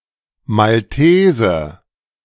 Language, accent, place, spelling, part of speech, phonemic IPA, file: German, Germany, Berlin, Maltese, noun, /malˈteːzə/, De-Maltese.ogg
- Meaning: person from Malta; Maltese